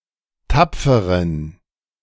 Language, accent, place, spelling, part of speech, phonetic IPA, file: German, Germany, Berlin, tapferen, adjective, [ˈtap͡fəʁən], De-tapferen.ogg
- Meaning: inflection of tapfer: 1. strong genitive masculine/neuter singular 2. weak/mixed genitive/dative all-gender singular 3. strong/weak/mixed accusative masculine singular 4. strong dative plural